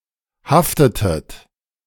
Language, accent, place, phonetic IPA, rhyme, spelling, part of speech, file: German, Germany, Berlin, [ˈhaftətət], -aftətət, haftetet, verb, De-haftetet.ogg
- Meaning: inflection of haften: 1. second-person plural preterite 2. second-person plural subjunctive II